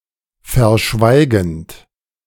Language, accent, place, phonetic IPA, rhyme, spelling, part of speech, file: German, Germany, Berlin, [fɛɐ̯ˈʃvaɪ̯ɡn̩t], -aɪ̯ɡn̩t, verschweigend, verb, De-verschweigend.ogg
- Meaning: present participle of verschweigen